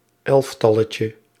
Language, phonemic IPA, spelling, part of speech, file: Dutch, /ˈɛlᵊfˌtɑləcə/, elftalletje, noun, Nl-elftalletje.ogg
- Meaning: diminutive of elftal